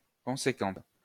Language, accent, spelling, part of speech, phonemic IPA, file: French, France, conséquente, adjective, /kɔ̃.se.kɑ̃t/, LL-Q150 (fra)-conséquente.wav
- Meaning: feminine singular of conséquent